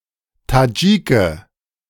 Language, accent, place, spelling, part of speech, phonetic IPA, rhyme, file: German, Germany, Berlin, Tadschike, noun, [taˈd͡ʒiːkə], -iːkə, De-Tadschike.ogg
- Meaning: Tajik (man from Tajikistan)